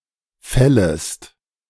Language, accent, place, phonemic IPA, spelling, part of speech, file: German, Germany, Berlin, /ˈfɛləst/, fällest, verb, De-fällest.ogg
- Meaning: second-person singular subjunctive I of fällen